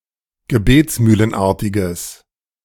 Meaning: strong/mixed nominative/accusative neuter singular of gebetsmühlenartig
- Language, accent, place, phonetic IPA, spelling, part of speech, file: German, Germany, Berlin, [ɡəˈbeːt͡smyːlənˌʔaʁtɪɡəs], gebetsmühlenartiges, adjective, De-gebetsmühlenartiges.ogg